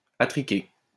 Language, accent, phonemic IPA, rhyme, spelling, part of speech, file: French, France, /a.tʁi.ke/, -e, attriquer, verb, LL-Q150 (fra)-attriquer.wav
- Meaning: 1. to buy on credit 2. to dress oddly, to trick out